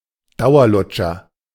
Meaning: lollipop, all-day sucker
- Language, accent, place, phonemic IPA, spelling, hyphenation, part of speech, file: German, Germany, Berlin, /ˈdaʊ̯ɐˌlʊt͡ʃɐ/, Dauerlutscher, Dau‧er‧lut‧scher, noun, De-Dauerlutscher.ogg